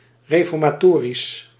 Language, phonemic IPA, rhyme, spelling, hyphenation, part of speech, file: Dutch, /ˌreː.fɔr.maːˈtoː.ris/, -oːris, reformatorisch, re‧for‧ma‧to‧risch, adjective, Nl-reformatorisch.ogg
- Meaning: 1. pertaining to ultra-orthodox Reformed Protestantism 2. Reformed 3. pertaining to the Protestant Reformation 4. reforming, reformatory, pertaining to or inclined to reform